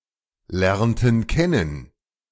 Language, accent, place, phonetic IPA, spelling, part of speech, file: German, Germany, Berlin, [ˌlɛʁntn̩ ˈkɛnən], lernten kennen, verb, De-lernten kennen.ogg
- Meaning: inflection of kennen lernen: 1. first/third-person plural preterite 2. first/third-person plural subjunctive II